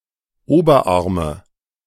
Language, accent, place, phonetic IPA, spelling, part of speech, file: German, Germany, Berlin, [ˈoːbɐˌʔaʁmə], Oberarme, noun, De-Oberarme.ogg
- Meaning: nominative/accusative/genitive plural of Oberarm